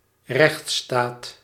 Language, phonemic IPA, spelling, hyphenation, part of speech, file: Dutch, /ˈrɛxt.staːt/, rechtsstaat, rechts‧staat, noun, Nl-rechtsstaat.ogg
- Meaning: nation of laws, constitutional state, (state which has rule of law)